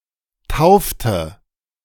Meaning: inflection of taufen: 1. first/third-person singular preterite 2. first/third-person singular subjunctive II
- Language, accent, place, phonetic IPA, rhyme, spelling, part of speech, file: German, Germany, Berlin, [ˈtaʊ̯ftə], -aʊ̯ftə, taufte, verb, De-taufte.ogg